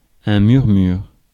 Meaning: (noun) murmur; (verb) inflection of murmurer: 1. first/third-person singular present indicative/subjunctive 2. second-person singular imperative
- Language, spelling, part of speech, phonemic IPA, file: French, murmure, noun / verb, /myʁ.myʁ/, Fr-murmure.ogg